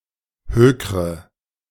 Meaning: inflection of hökern: 1. first-person singular present 2. first/third-person singular subjunctive I 3. singular imperative
- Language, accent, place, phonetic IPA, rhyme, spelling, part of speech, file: German, Germany, Berlin, [ˈhøːkʁə], -øːkʁə, hökre, verb, De-hökre.ogg